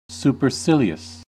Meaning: Arrogantly superior; showing contemptuous indifference; haughty
- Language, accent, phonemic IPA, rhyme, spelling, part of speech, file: English, US, /ˌsu.pɚˈsɪ.li.əs/, -ɪliəs, supercilious, adjective, En-us-supercilious.ogg